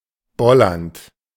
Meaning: present participle of bollern
- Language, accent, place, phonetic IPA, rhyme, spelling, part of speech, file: German, Germany, Berlin, [ˈbɔlɐnt], -ɔlɐnt, bollernd, verb, De-bollernd.ogg